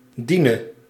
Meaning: singular present subjunctive of dienen
- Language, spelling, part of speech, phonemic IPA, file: Dutch, diene, verb, /ˈdinǝ/, Nl-diene.ogg